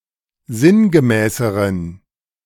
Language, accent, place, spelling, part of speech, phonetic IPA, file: German, Germany, Berlin, sinngemäßeren, adjective, [ˈzɪnɡəˌmɛːsəʁən], De-sinngemäßeren.ogg
- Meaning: inflection of sinngemäß: 1. strong genitive masculine/neuter singular comparative degree 2. weak/mixed genitive/dative all-gender singular comparative degree